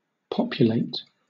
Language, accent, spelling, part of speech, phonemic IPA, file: English, Southern England, populate, verb / adjective, /ˈpɒp.jʊˌleɪt/, LL-Q1860 (eng)-populate.wav
- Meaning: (verb) 1. To supply with inhabitants; to people 2. To live in; to inhabit 3. To increase in number; to breed 4. To fill initially empty items in a collection